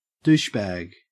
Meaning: 1. A sterile container for holding fluid used in a vaginal douche 2. A jerk or asshole; a mean or rude person; someone seen as being arrogant, snobby or obnoxious
- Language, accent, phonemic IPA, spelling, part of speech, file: English, Australia, /ˈduːʃˌbæɡ/, douchebag, noun, En-au-douchebag.ogg